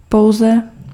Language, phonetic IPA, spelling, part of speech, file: Czech, [ˈpou̯zɛ], pouze, adverb, Cs-pouze.ogg
- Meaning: only